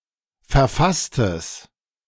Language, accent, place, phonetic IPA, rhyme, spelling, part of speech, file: German, Germany, Berlin, [fɛɐ̯ˈfastəs], -astəs, verfasstes, adjective, De-verfasstes.ogg
- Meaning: strong/mixed nominative/accusative neuter singular of verfasst